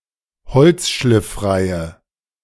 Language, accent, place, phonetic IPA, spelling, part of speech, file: German, Germany, Berlin, [ˈhɔlt͡sʃlɪfˌfʁaɪ̯ə], holzschlifffreie, adjective, De-holzschlifffreie.ogg
- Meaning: inflection of holzschlifffrei: 1. strong/mixed nominative/accusative feminine singular 2. strong nominative/accusative plural 3. weak nominative all-gender singular